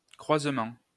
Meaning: 1. crossing (intersection where roads, lines, or tracks cross) 2. outcrossing 3. crossbreed
- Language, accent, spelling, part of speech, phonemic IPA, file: French, France, croisement, noun, /kʁwaz.mɑ̃/, LL-Q150 (fra)-croisement.wav